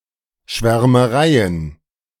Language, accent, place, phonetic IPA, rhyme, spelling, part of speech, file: German, Germany, Berlin, [ʃvɛʁməˈʁaɪ̯ən], -aɪ̯ən, Schwärmereien, noun, De-Schwärmereien.ogg
- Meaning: plural of Schwärmerei